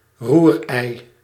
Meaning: a serving of scrambled eggs; (uncountable) scrambled eggs
- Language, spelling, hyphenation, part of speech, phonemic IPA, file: Dutch, roerei, roer‧ei, noun, /ˈrur.ɛi̯/, Nl-roerei.ogg